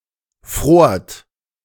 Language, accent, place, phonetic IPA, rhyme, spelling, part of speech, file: German, Germany, Berlin, [fʁoːɐ̯t], -oːɐ̯t, frort, verb, De-frort.ogg
- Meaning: second-person plural preterite of frieren